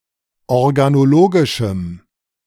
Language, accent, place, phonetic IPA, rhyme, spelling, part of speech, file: German, Germany, Berlin, [ɔʁɡanoˈloːɡɪʃm̩], -oːɡɪʃm̩, organologischem, adjective, De-organologischem.ogg
- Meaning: strong dative masculine/neuter singular of organologisch